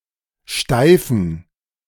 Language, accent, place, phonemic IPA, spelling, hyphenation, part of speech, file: German, Germany, Berlin, /ˈʃtaɪ̯fn̩/, steifen, stei‧fen, verb / adjective, De-steifen.ogg
- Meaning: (verb) to stiffen; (adjective) inflection of steif: 1. strong genitive masculine/neuter singular 2. weak/mixed genitive/dative all-gender singular 3. strong/weak/mixed accusative masculine singular